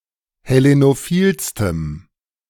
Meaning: strong dative masculine/neuter singular superlative degree of hellenophil
- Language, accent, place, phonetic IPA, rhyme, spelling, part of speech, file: German, Germany, Berlin, [hɛˌlenoˈfiːlstəm], -iːlstəm, hellenophilstem, adjective, De-hellenophilstem.ogg